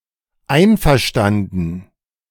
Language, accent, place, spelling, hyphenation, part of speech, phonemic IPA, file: German, Germany, Berlin, einverstanden, ein‧ver‧stan‧den, adjective, /ˈaɪ̯nfɛʁˌʃtandn̩/, De-einverstanden.ogg
- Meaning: 1. in agreement, agreeing 2. okay, agreed